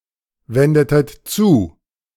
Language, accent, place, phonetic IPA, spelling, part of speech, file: German, Germany, Berlin, [ˌvɛndətət ˈt͡suː], wendetet zu, verb, De-wendetet zu.ogg
- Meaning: inflection of zuwenden: 1. second-person plural preterite 2. second-person plural subjunctive II